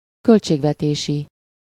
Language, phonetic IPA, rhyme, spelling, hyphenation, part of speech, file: Hungarian, [ˈkølt͡ʃeːɡvɛteːʃi], -ʃi, költségvetési, költ‧ség‧ve‧té‧si, adjective, Hu-költségvetési.ogg
- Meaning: budgetary